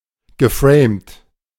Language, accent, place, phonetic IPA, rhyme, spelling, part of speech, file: German, Germany, Berlin, [ɡəˈfʁeːmt], -eːmt, geframt, verb, De-geframt.ogg
- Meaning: past participle of framen